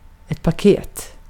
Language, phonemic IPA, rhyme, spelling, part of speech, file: Swedish, /paˈkeːt/, -eːt, paket, noun, Sv-paket.ogg
- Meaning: a package, a parcel, a packet, a wrapped gift